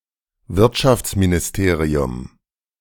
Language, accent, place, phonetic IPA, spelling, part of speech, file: German, Germany, Berlin, [ˈvɪʁtʃaft͡sminɪsˌteːʁiʊm], Wirtschaftsministerium, noun, De-Wirtschaftsministerium.ogg
- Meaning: ministry of the economy